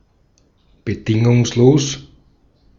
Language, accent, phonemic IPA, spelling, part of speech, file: German, Austria, /bəˈdɪŋʊŋsˌloːs/, bedingungslos, adjective, De-at-bedingungslos.ogg
- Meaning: unconditional